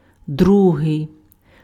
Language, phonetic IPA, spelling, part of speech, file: Ukrainian, [ˈdruɦei̯], другий, adjective, Uk-другий.ogg
- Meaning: second